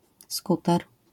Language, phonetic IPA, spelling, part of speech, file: Polish, [ˈskutɛr], skuter, noun, LL-Q809 (pol)-skuter.wav